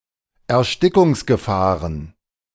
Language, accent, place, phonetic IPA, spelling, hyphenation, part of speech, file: German, Germany, Berlin, [ɛɐ̯ˈʃtɪkʊŋsɡəˌfaːʁən], Erstickungsgefahren, Er‧sti‧ckungs‧ge‧fah‧ren, noun, De-Erstickungsgefahren.ogg
- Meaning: plural of Erstickungsgefahr